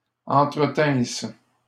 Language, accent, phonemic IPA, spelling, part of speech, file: French, Canada, /ɑ̃.tʁə.tɛ̃s/, entretinssent, verb, LL-Q150 (fra)-entretinssent.wav
- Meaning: third-person plural imperfect subjunctive of entretenir